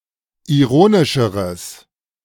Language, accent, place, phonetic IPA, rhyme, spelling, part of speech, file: German, Germany, Berlin, [iˈʁoːnɪʃəʁəs], -oːnɪʃəʁəs, ironischeres, adjective, De-ironischeres.ogg
- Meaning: strong/mixed nominative/accusative neuter singular comparative degree of ironisch